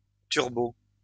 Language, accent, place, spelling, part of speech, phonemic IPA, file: French, France, Lyon, turbot, noun, /tyʁ.bo/, LL-Q150 (fra)-turbot.wav
- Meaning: turbot